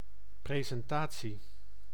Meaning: presentation
- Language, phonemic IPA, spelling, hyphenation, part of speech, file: Dutch, /ˌpreː.zɛnˈtaː.(t)si/, presentatie, pre‧sen‧ta‧tie, noun, Nl-presentatie.ogg